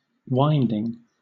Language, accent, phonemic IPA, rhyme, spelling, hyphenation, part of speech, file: English, Southern England, /ˈwaɪndɪŋ/, -aɪndɪŋ, winding, wind‧ing, noun / adjective / verb, LL-Q1860 (eng)-winding.wav
- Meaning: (noun) gerund of wind: 1. The act of twisting something, or coiling or wrapping something around another thing 2. A curving, sinuous, or twisting movement; twists and turns